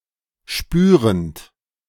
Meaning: present participle of spüren
- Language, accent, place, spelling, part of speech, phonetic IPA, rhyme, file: German, Germany, Berlin, spürend, verb, [ˈʃpyːʁənt], -yːʁənt, De-spürend.ogg